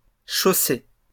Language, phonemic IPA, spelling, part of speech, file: French, /ʃo.se/, chaussées, verb, LL-Q150 (fra)-chaussées.wav
- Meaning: feminine plural of chaussé